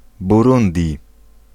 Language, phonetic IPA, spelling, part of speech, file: Polish, [buˈrũndʲi], Burundi, proper noun, Pl-Burundi.ogg